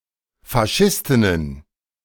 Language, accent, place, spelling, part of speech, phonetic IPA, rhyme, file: German, Germany, Berlin, Faschistinnen, noun, [faˈʃɪstɪnən], -ɪstɪnən, De-Faschistinnen.ogg
- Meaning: plural of Faschistin